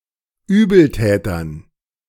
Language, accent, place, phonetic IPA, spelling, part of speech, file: German, Germany, Berlin, [ˈyːbl̩ˌtɛːtɐn], Übeltätern, noun, De-Übeltätern.ogg
- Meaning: dative plural of Übeltäter